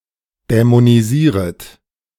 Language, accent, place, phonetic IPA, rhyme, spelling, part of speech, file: German, Germany, Berlin, [dɛmoniˈziːʁət], -iːʁət, dämonisieret, verb, De-dämonisieret.ogg
- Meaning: second-person plural subjunctive I of dämonisieren